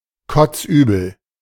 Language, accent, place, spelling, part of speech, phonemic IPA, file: German, Germany, Berlin, kotzübel, adjective, /ˌkɔt͡sˈʔyːbl̩/, De-kotzübel.ogg
- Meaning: nauseated, sick to one's stomach